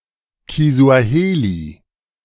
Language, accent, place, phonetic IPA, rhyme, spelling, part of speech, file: German, Germany, Berlin, [kizu̯aˈheːli], -eːli, Kisuaheli, noun, De-Kisuaheli.ogg
- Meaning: Swahili (language)